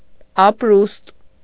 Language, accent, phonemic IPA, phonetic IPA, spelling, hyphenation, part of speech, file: Armenian, Eastern Armenian, /ɑpˈɾust/, [ɑpɾúst], ապրուստ, ապ‧րուստ, noun, Hy-ապրուստ.ogg
- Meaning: 1. livelihood, subsistence, maintenance, provision 2. way of life